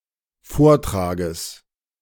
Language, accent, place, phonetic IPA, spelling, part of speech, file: German, Germany, Berlin, [ˈfoːɐ̯ˌtʁaːɡəs], Vortrages, noun, De-Vortrages.ogg
- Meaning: genitive singular of Vortrag